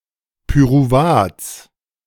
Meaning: genitive singular of Pyruvat
- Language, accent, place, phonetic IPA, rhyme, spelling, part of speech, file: German, Germany, Berlin, [pyʁuˈvaːt͡s], -aːt͡s, Pyruvats, noun, De-Pyruvats.ogg